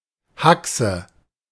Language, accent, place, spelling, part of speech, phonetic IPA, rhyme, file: German, Germany, Berlin, Haxe, noun, [ˈhaksə], -aksə, De-Haxe.ogg
- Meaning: alternative spelling of Hachse